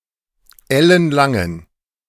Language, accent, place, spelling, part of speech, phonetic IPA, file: German, Germany, Berlin, ellenlangen, adjective, [ˈɛlənˌlaŋən], De-ellenlangen.ogg
- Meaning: inflection of ellenlang: 1. strong genitive masculine/neuter singular 2. weak/mixed genitive/dative all-gender singular 3. strong/weak/mixed accusative masculine singular 4. strong dative plural